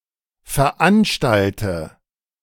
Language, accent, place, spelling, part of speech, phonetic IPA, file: German, Germany, Berlin, veranstalte, verb, [fɛɐ̯ˈʔanʃtaltə], De-veranstalte.ogg
- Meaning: inflection of veranstalten: 1. first-person singular present 2. first/third-person singular subjunctive I 3. singular imperative